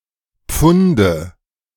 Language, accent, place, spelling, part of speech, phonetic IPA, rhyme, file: German, Germany, Berlin, Pfunde, noun, [ˈp͡fʊndə], -ʊndə, De-Pfunde.ogg
- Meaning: nominative/accusative/genitive plural of Pfund